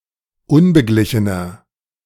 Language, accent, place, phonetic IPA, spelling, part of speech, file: German, Germany, Berlin, [ˈʊnbəˌɡlɪçənɐ], unbeglichener, adjective, De-unbeglichener.ogg
- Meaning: inflection of unbeglichen: 1. strong/mixed nominative masculine singular 2. strong genitive/dative feminine singular 3. strong genitive plural